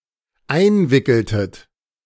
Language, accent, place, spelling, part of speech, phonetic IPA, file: German, Germany, Berlin, einwickeltet, verb, [ˈaɪ̯nˌvɪkl̩tət], De-einwickeltet.ogg
- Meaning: inflection of einwickeln: 1. second-person plural dependent preterite 2. second-person plural dependent subjunctive II